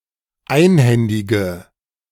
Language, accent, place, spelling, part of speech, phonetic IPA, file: German, Germany, Berlin, einhändige, adjective, [ˈaɪ̯nˌhɛndɪɡə], De-einhändige.ogg
- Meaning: inflection of einhändig: 1. strong/mixed nominative/accusative feminine singular 2. strong nominative/accusative plural 3. weak nominative all-gender singular